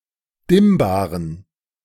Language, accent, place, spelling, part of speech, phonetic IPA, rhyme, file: German, Germany, Berlin, dimmbaren, adjective, [ˈdɪmbaːʁən], -ɪmbaːʁən, De-dimmbaren.ogg
- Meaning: inflection of dimmbar: 1. strong genitive masculine/neuter singular 2. weak/mixed genitive/dative all-gender singular 3. strong/weak/mixed accusative masculine singular 4. strong dative plural